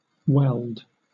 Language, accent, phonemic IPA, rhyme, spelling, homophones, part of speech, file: English, Southern England, /wɛld/, -ɛld, weld, welled, noun / verb, LL-Q1860 (eng)-weld.wav
- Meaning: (noun) 1. A herb (Reseda luteola) related to mignonette, growing in Europe, and to some extent in America, used to make a yellow dye 2. The yellow coloring matter or dye extracted from this plant